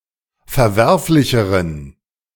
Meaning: inflection of verwerflich: 1. strong genitive masculine/neuter singular comparative degree 2. weak/mixed genitive/dative all-gender singular comparative degree
- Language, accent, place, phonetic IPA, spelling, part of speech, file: German, Germany, Berlin, [fɛɐ̯ˈvɛʁflɪçəʁən], verwerflicheren, adjective, De-verwerflicheren.ogg